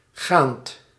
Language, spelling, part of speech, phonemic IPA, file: Dutch, gaand, verb / adjective, /ɣant/, Nl-gaand.ogg
- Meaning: present participle of gaan